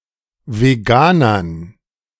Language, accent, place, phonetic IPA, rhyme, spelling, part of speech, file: German, Germany, Berlin, [veˈɡaːnɐn], -aːnɐn, Veganern, noun, De-Veganern.ogg
- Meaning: dative plural of Veganer